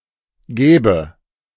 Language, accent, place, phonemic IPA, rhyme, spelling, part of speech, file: German, Germany, Berlin, /ˈɡɛːbə/, -ɛːbə, gäbe, verb / adjective, De-gäbe.ogg
- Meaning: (verb) first/third-person singular subjunctive II of geben; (adjective) synonym of annehmbar